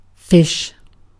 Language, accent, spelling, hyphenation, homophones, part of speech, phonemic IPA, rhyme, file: English, Received Pronunciation, fish, fish, phish / ghoti, noun / verb, /fɪʃ/, -ɪʃ, En-uk-fish.ogg
- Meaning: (noun) A typically cold-blooded vertebrate animal that lives in water, moving with the help of fins and breathing with gills; any vertebrate that is not a tetrapod